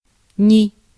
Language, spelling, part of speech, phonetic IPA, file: Russian, ни, conjunction / particle / noun, [nʲɪ], Ru-ни.ogg
- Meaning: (conjunction) neither, nor; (particle) 1. not a 2. whatever, however 3. any, no; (noun) nu (the modern Greek letter Ν/ν)